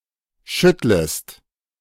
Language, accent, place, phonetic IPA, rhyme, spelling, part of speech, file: German, Germany, Berlin, [ˈʃʏtləst], -ʏtləst, schüttlest, verb, De-schüttlest.ogg
- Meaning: second-person singular subjunctive I of schütteln